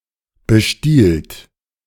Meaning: third-person singular present of bestehlen
- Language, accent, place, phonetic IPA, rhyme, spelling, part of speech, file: German, Germany, Berlin, [bəˈʃtiːlt], -iːlt, bestiehlt, verb, De-bestiehlt.ogg